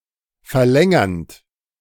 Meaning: present participle of verlängern
- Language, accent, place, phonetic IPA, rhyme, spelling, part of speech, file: German, Germany, Berlin, [fɛɐ̯ˈlɛŋɐnt], -ɛŋɐnt, verlängernd, verb, De-verlängernd.ogg